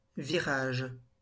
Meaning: 1. bend, turn, curve 2. change, shift (in orientation) 3. turn 4. change in colour
- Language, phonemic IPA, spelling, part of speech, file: French, /vi.ʁaʒ/, virage, noun, LL-Q150 (fra)-virage.wav